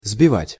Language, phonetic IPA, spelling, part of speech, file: Russian, [zbʲɪˈvatʲ], сбивать, verb, Ru-сбивать.ogg
- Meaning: 1. to knock down, to shake down, to cause to fall 2. to knock down, to beat down 3. to put out 4. to tread down 5. to knock together 6. to churn 7. to whisk, to beat, to whip